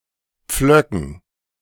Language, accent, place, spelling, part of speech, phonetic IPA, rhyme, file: German, Germany, Berlin, Pflöcken, noun, [ˈp͡flœkn̩], -œkn̩, De-Pflöcken.ogg
- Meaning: dative plural of Pflock